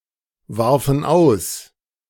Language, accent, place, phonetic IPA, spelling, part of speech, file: German, Germany, Berlin, [ˌvaʁfn̩ ˈaʊ̯s], warfen aus, verb, De-warfen aus.ogg
- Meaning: first/third-person plural preterite of auswerfen